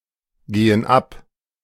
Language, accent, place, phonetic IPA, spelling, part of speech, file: German, Germany, Berlin, [ˌɡeːən ˈap], gehen ab, verb, De-gehen ab.ogg
- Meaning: inflection of abgehen: 1. first/third-person plural present 2. first/third-person plural subjunctive I